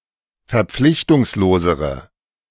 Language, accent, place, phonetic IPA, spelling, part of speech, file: German, Germany, Berlin, [fɛɐ̯ˈp͡flɪçtʊŋsloːzəʁə], verpflichtungslosere, adjective, De-verpflichtungslosere.ogg
- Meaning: inflection of verpflichtungslos: 1. strong/mixed nominative/accusative feminine singular comparative degree 2. strong nominative/accusative plural comparative degree